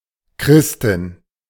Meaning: a female Christian
- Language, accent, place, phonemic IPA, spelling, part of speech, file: German, Germany, Berlin, /ˈkʁɪstɪn/, Christin, noun, De-Christin.ogg